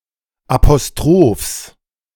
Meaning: genitive singular of Apostroph
- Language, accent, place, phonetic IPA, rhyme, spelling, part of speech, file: German, Germany, Berlin, [apoˈstʁoːfs], -oːfs, Apostrophs, noun, De-Apostrophs.ogg